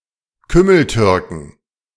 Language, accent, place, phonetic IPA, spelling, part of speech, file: German, Germany, Berlin, [ˈkʏml̩ˌtʏʁkn̩], Kümmeltürken, noun, De-Kümmeltürken.ogg
- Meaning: plural of Kümmeltürke